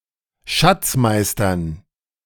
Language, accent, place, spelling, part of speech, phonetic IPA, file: German, Germany, Berlin, Schatzkisten, noun, [ˈʃat͡sˌkɪstn̩], De-Schatzkisten.ogg
- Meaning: plural of Schatzkiste